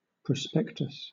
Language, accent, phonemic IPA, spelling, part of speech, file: English, Southern England, /pɹəˈspɛktəs/, prospectus, noun, LL-Q1860 (eng)-prospectus.wav
- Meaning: A document, distributed to prospective members, investors, buyers, or participants, which describes an institution (such as a university), a publication, or a business and what it has to offer